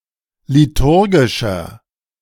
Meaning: inflection of liturgisch: 1. strong/mixed nominative masculine singular 2. strong genitive/dative feminine singular 3. strong genitive plural
- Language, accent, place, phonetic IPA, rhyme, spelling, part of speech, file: German, Germany, Berlin, [liˈtʊʁɡɪʃɐ], -ʊʁɡɪʃɐ, liturgischer, adjective, De-liturgischer.ogg